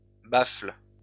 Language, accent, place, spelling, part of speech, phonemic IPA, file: French, France, Lyon, baffle, noun, /bafl/, LL-Q150 (fra)-baffle.wav
- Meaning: speaker (audio)